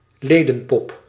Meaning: lay figure, mannequin
- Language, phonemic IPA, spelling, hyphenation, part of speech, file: Dutch, /ˈleː.də(n)ˌpɔp/, ledenpop, le‧den‧pop, noun, Nl-ledenpop.ogg